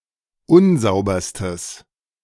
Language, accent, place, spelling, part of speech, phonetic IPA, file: German, Germany, Berlin, unsauberstes, adjective, [ˈʊnˌzaʊ̯bɐstəs], De-unsauberstes.ogg
- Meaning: strong/mixed nominative/accusative neuter singular superlative degree of unsauber